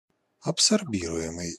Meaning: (verb) present passive imperfective participle of абсорби́ровать (absorbírovatʹ); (adjective) absorbable
- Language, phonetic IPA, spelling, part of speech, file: Russian, [ɐpsɐrˈbʲirʊ(j)ɪmɨj], абсорбируемый, verb / adjective, Ru-абсорбируемый.ogg